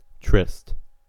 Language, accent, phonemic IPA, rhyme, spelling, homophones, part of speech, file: English, US, /ˈtɹɪst/, -ɪst, triste, trist / tryst, adjective, En-us-triste.ogg
- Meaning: Sad; sorrowful; gloomy